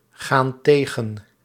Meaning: inflection of tegengaan: 1. plural present indicative 2. plural present subjunctive
- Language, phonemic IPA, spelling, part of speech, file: Dutch, /ˈɣan ˈteɣə(n)/, gaan tegen, verb, Nl-gaan tegen.ogg